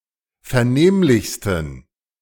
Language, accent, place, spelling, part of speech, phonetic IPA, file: German, Germany, Berlin, vernehmlichsten, adjective, [fɛɐ̯ˈneːmlɪçstn̩], De-vernehmlichsten.ogg
- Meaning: 1. superlative degree of vernehmlich 2. inflection of vernehmlich: strong genitive masculine/neuter singular superlative degree